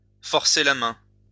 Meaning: to twist (someone's) arm, to force (someone's) hand, to strongarm (to coerce someone into doing something)
- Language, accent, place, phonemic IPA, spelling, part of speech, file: French, France, Lyon, /fɔʁ.se la mɛ̃/, forcer la main, verb, LL-Q150 (fra)-forcer la main.wav